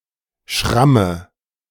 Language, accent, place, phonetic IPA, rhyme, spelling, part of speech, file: German, Germany, Berlin, [ˈʃʁamə], -amə, Schramme, noun, De-Schramme.ogg
- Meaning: graze; scratch